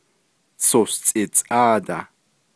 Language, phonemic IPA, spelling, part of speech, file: Navajo, /t͡sʰòst͡sʼɪ̀tt͡sʼɑ̂ːtɑ̀h/, tsostsʼidtsʼáadah, numeral, Nv-tsostsʼidtsʼáadah.ogg
- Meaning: seventeen